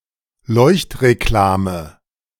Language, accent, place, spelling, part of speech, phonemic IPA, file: German, Germany, Berlin, Leuchtreklame, noun, /ˈlɔɪ̯çtʁeˌklaːmə/, De-Leuchtreklame.ogg
- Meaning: neon sign / illuminated advertisement